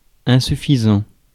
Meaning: insufficient, not enough
- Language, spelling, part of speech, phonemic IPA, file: French, insuffisant, adjective, /ɛ̃.sy.fi.zɑ̃/, Fr-insuffisant.ogg